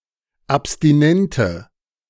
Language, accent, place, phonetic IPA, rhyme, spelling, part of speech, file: German, Germany, Berlin, [apstiˈnɛntə], -ɛntə, abstinente, adjective, De-abstinente.ogg
- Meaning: inflection of abstinent: 1. strong/mixed nominative/accusative feminine singular 2. strong nominative/accusative plural 3. weak nominative all-gender singular